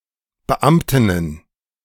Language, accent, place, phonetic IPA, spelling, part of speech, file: German, Germany, Berlin, [bəˈʔamtɪnən], Beamtinnen, noun, De-Beamtinnen.ogg
- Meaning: plural of Beamtin